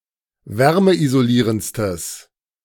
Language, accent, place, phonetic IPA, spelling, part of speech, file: German, Germany, Berlin, [ˈvɛʁməʔizoˌliːʁənt͡stəs], wärmeisolierendstes, adjective, De-wärmeisolierendstes.ogg
- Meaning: strong/mixed nominative/accusative neuter singular superlative degree of wärmeisolierend